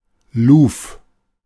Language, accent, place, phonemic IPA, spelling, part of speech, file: German, Germany, Berlin, /luːf/, Luv, noun, De-Luv.ogg
- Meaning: the windward side of a ship (the side facing the wind)